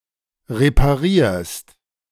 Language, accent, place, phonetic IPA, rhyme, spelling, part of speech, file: German, Germany, Berlin, [ʁepaˈʁiːɐ̯st], -iːɐ̯st, reparierst, verb, De-reparierst.ogg
- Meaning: second-person singular present of reparieren